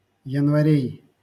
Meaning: genitive plural of янва́рь (janvárʹ)
- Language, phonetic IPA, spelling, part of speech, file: Russian, [(j)ɪnvɐˈrʲej], январей, noun, LL-Q7737 (rus)-январей.wav